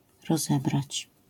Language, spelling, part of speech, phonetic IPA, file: Polish, rozebrać, verb, [rɔˈzɛbrat͡ɕ], LL-Q809 (pol)-rozebrać.wav